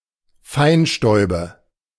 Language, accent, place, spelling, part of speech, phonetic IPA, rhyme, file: German, Germany, Berlin, Feinstäube, noun, [ˈfaɪ̯nˌʃtɔɪ̯bə], -aɪ̯nʃtɔɪ̯bə, De-Feinstäube.ogg
- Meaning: nominative/accusative/genitive plural of Feinstaub